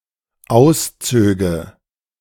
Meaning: first/third-person singular dependent subjunctive II of ausziehen
- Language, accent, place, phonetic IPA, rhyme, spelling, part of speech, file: German, Germany, Berlin, [ˈaʊ̯sˌt͡søːɡə], -aʊ̯st͡søːɡə, auszöge, verb, De-auszöge.ogg